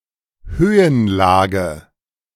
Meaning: altitude (height above sea-level)
- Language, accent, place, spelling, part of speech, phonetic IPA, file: German, Germany, Berlin, Höhenlage, noun, [ˈhøːənˌlaːɡə], De-Höhenlage.ogg